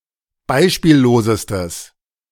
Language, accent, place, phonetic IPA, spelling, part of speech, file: German, Germany, Berlin, [ˈbaɪ̯ʃpiːlloːzəstəs], beispiellosestes, adjective, De-beispiellosestes.ogg
- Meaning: strong/mixed nominative/accusative neuter singular superlative degree of beispiellos